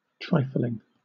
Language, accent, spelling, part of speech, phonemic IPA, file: English, Southern England, trifling, adjective / noun / verb, /ˈtɹaɪfliŋ/, LL-Q1860 (eng)-trifling.wav
- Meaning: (adjective) 1. Trivial, or of little importance 2. Frivolous 3. Good-for-nothing; shady or lazy; scrub; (noun) The act of one who trifles; frivolous behaviour